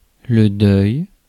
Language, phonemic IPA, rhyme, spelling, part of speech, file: French, /dœj/, -œj, deuil, noun, Fr-deuil.ogg
- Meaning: 1. bereavement 2. mourning 3. mourning (clothes) 4. funeral procession